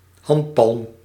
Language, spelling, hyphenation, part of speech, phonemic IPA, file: Dutch, handpalm, hand‧palm, noun, /ˈɦɑnt.pɑlm/, Nl-handpalm.ogg
- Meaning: palm (inner, concave part of a hand)